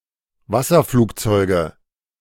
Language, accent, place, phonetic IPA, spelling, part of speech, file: German, Germany, Berlin, [ˈvasɐˌfluːkt͡sɔɪ̯ɡə], Wasserflugzeuge, noun, De-Wasserflugzeuge.ogg
- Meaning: nominative/accusative/genitive plural of Wasserflugzeug